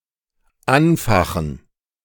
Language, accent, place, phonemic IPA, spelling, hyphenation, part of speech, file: German, Germany, Berlin, /ˈanˌfaxn̩/, anfachen, an‧fa‧chen, verb, De-anfachen.ogg
- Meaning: to fan